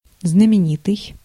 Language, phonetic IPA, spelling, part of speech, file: Russian, [znəmʲɪˈnʲitɨj], знаменитый, adjective, Ru-знаменитый.ogg
- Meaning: famous, renowned, celebrated, noted, notorious, distinguished, eminent, illustrious